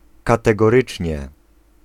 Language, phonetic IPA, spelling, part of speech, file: Polish, [ˌkatɛɡɔˈrɨt͡ʃʲɲɛ], kategorycznie, adverb, Pl-kategorycznie.ogg